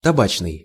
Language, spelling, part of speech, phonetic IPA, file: Russian, табачный, adjective, [tɐˈbat͡ɕnɨj], Ru-табачный.ogg
- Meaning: 1. tobacco 2. rotten